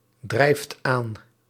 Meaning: inflection of aandrijven: 1. second/third-person singular present indicative 2. plural imperative
- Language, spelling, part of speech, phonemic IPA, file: Dutch, drijft aan, verb, /ˈdrɛift ˈan/, Nl-drijft aan.ogg